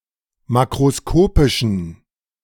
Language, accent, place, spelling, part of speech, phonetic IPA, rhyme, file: German, Germany, Berlin, makroskopischen, adjective, [ˌmakʁoˈskoːpɪʃn̩], -oːpɪʃn̩, De-makroskopischen.ogg
- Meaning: inflection of makroskopisch: 1. strong genitive masculine/neuter singular 2. weak/mixed genitive/dative all-gender singular 3. strong/weak/mixed accusative masculine singular 4. strong dative plural